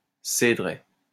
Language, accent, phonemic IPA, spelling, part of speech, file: French, France, /se.dʁɛ/, cédraie, noun, LL-Q150 (fra)-cédraie.wav
- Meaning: a plantation of cedars